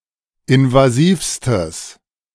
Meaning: strong/mixed nominative/accusative neuter singular superlative degree of invasiv
- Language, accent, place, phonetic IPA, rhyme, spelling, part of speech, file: German, Germany, Berlin, [ɪnvaˈziːfstəs], -iːfstəs, invasivstes, adjective, De-invasivstes.ogg